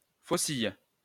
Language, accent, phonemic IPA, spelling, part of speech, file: French, France, /fo.sij/, faucille, noun / verb, LL-Q150 (fra)-faucille.wav
- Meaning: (noun) a sickle (agricultural implement); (verb) inflection of fauciller: 1. first/third-person singular present indicative/subjunctive 2. second-person singular imperative